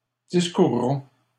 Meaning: first-person plural future of discourir
- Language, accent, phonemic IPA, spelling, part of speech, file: French, Canada, /dis.kuʁ.ʁɔ̃/, discourrons, verb, LL-Q150 (fra)-discourrons.wav